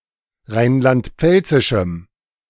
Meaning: strong dative masculine/neuter singular of rheinland-pfälzisch
- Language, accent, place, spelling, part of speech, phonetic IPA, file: German, Germany, Berlin, rheinland-pfälzischem, adjective, [ˈʁaɪ̯nlantˈp͡fɛlt͡sɪʃm̩], De-rheinland-pfälzischem.ogg